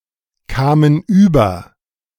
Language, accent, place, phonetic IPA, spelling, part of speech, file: German, Germany, Berlin, [ˌkaːmən ˈyːbɐ], kamen über, verb, De-kamen über.ogg
- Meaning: first/third-person plural preterite of überkommen